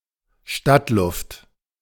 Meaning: city air
- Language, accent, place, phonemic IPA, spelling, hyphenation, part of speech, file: German, Germany, Berlin, /ˈʃtatˌlʊft/, Stadtluft, Stadt‧luft, noun, De-Stadtluft.ogg